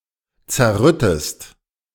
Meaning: inflection of zerrütten: 1. second-person singular present 2. second-person singular subjunctive I
- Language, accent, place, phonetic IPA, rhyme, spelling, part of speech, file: German, Germany, Berlin, [t͡sɛɐ̯ˈʁʏtəst], -ʏtəst, zerrüttest, verb, De-zerrüttest.ogg